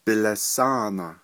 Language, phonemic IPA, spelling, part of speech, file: Navajo, /pɪ̀lɑ̀sɑ̂ːnɑ̀/, bilasáana, noun, Nv-bilasáana.ogg
- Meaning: apple